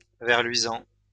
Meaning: 1. firefly 2. glowworm
- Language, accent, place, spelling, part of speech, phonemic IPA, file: French, France, Lyon, ver luisant, noun, /vɛʁ lɥi.zɑ̃/, LL-Q150 (fra)-ver luisant.wav